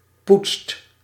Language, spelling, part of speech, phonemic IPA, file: Dutch, poetst, verb, /putst/, Nl-poetst.ogg
- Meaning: inflection of poetsen: 1. second/third-person singular present indicative 2. plural imperative